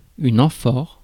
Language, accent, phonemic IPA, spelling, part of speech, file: French, France, /ɑ̃.fɔʁ/, amphore, noun, Fr-amphore.ogg
- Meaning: amphora